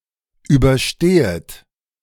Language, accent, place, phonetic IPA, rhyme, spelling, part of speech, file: German, Germany, Berlin, [ˌyːbɐˈʃteːət], -eːət, überstehet, verb, De-überstehet.ogg
- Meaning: second-person plural subjunctive I of überstehen